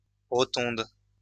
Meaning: rotunda
- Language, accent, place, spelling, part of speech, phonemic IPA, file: French, France, Lyon, rotonde, noun, /ʁɔ.tɔ̃d/, LL-Q150 (fra)-rotonde.wav